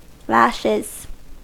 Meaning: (noun) plural of lash; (verb) third-person singular simple present indicative of lash
- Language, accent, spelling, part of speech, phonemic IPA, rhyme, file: English, US, lashes, noun / verb, /ˈlæʃɪz/, -æʃɪz, En-us-lashes.ogg